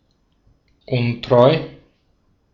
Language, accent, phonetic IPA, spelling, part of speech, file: German, Austria, [ˈʊntʁɔɪ̯], untreu, adjective, De-at-untreu.ogg
- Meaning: unfaithful